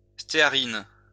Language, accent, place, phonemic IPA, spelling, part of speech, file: French, France, Lyon, /ste.a.ʁin/, stéarine, noun, LL-Q150 (fra)-stéarine.wav
- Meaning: stearine